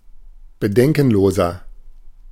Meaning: 1. comparative degree of bedenkenlos 2. inflection of bedenkenlos: strong/mixed nominative masculine singular 3. inflection of bedenkenlos: strong genitive/dative feminine singular
- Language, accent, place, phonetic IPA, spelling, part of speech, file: German, Germany, Berlin, [bəˈdɛŋkn̩ˌloːzɐ], bedenkenloser, adjective, De-bedenkenloser.ogg